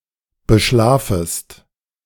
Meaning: second-person singular subjunctive I of beschlafen
- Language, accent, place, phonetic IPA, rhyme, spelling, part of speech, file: German, Germany, Berlin, [bəˈʃlaːfəst], -aːfəst, beschlafest, verb, De-beschlafest.ogg